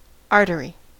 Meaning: Any of the muscular- and elastic-walled blood vessels forming part of the circulation system by which blood is conveyed away from the heart regardless of its oxygenation status; see pulmonary artery
- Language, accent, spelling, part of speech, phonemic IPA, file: English, US, artery, noun, /ˈɑɹ.təɹ.i/, En-us-artery.ogg